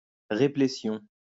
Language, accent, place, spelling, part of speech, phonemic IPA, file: French, France, Lyon, réplétion, noun, /ʁe.ple.sjɔ̃/, LL-Q150 (fra)-réplétion.wav
- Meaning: repletion